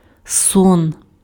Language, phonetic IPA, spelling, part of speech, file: Ukrainian, [sɔn], сон, noun, Uk-сон.ogg
- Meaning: 1. sleep 2. dream 3. pasque flower